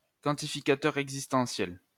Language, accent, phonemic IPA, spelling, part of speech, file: French, France, /kɑ̃.ti.fi.ka.tœʁ ɛɡ.zis.tɑ̃.sjɛl/, quantificateur existentiel, noun, LL-Q150 (fra)-quantificateur existentiel.wav
- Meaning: existential quantifier